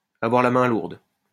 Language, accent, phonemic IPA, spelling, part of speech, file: French, France, /a.vwaʁ la mɛ̃ luʁd/, avoir la main lourde, verb, LL-Q150 (fra)-avoir la main lourde.wav
- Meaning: to be a bit too generous with